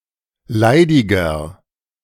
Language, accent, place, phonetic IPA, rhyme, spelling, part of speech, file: German, Germany, Berlin, [ˈlaɪ̯dɪɡɐ], -aɪ̯dɪɡɐ, leidiger, adjective, De-leidiger.ogg
- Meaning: 1. comparative degree of leidig 2. inflection of leidig: strong/mixed nominative masculine singular 3. inflection of leidig: strong genitive/dative feminine singular